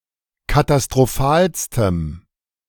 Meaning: strong dative masculine/neuter singular superlative degree of katastrophal
- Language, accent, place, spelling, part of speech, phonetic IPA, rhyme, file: German, Germany, Berlin, katastrophalstem, adjective, [katastʁoˈfaːlstəm], -aːlstəm, De-katastrophalstem.ogg